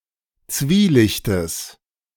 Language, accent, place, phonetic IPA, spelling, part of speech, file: German, Germany, Berlin, [ˈt͡sviːˌlɪçtəs], Zwielichtes, noun, De-Zwielichtes.ogg
- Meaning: genitive singular of Zwielicht